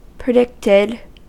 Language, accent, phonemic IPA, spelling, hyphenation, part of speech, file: English, US, /pɹɪˈdɪktɪd/, predicted, pre‧dict‧ed, verb, En-us-predicted.ogg
- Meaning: simple past and past participle of predict